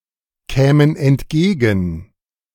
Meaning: first-person plural subjunctive II of entgegenkommen
- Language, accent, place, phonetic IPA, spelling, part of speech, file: German, Germany, Berlin, [ˌkɛːmən ɛntˈɡeːɡn̩], kämen entgegen, verb, De-kämen entgegen.ogg